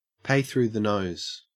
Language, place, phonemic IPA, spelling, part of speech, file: English, Queensland, /ˌpæɪ θɹʉː ðə ˈnəʉz/, pay through the nose, verb, En-au-pay through the nose.ogg
- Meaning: To pay an exorbitant or excessive amount, either in money or in some other manner